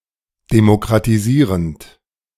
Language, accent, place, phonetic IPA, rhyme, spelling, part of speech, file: German, Germany, Berlin, [demokʁatiˈziːʁənt], -iːʁənt, demokratisierend, verb, De-demokratisierend.ogg
- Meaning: present participle of demokratisieren